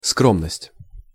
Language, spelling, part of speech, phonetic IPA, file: Russian, скромность, noun, [ˈskromnəsʲtʲ], Ru-скромность.ogg
- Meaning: modesty, humility (the quality of being modest)